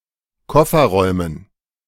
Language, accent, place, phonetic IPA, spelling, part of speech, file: German, Germany, Berlin, [ˈkɔfɐˌʁɔɪ̯mən], Kofferräumen, noun, De-Kofferräumen.ogg
- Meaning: dative plural of Kofferraum